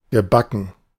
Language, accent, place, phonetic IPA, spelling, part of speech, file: German, Germany, Berlin, [ɡəˈbakən], gebacken, adjective / verb, De-gebacken.ogg
- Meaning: past participle of backen